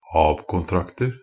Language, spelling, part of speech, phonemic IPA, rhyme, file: Norwegian Bokmål, ab-kontrakter, noun, /ɑːb.kʊnˈtraktər/, -ər, NB - Pronunciation of Norwegian Bokmål «ab-kontrakter».ogg
- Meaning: indefinite plural of ab-kontrakt